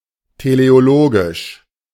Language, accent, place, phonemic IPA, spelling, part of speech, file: German, Germany, Berlin, /tʰe.le.oˈlo.ɡiʃ/, teleologisch, adjective, De-teleologisch.ogg
- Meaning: teleological